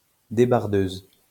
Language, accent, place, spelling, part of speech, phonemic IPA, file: French, France, Lyon, débardeuse, noun, /de.baʁ.døz/, LL-Q150 (fra)-débardeuse.wav
- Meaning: female equivalent of débardeur